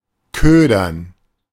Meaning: to bait
- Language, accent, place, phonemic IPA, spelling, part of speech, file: German, Germany, Berlin, /ˈkøːdɐn/, ködern, verb, De-ködern.ogg